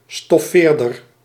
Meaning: upholsterer
- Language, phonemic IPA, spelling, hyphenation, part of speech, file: Dutch, /ˌstɔˈfeːr.dər/, stoffeerder, stof‧feer‧der, noun, Nl-stoffeerder.ogg